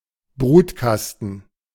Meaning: 1. incubator (medical apparatus in which weak infants are supported) 2. incubator (apparatus in which eggs are brooded)
- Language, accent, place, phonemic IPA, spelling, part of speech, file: German, Germany, Berlin, /ˈbʁuːtˌkastn̩/, Brutkasten, noun, De-Brutkasten.ogg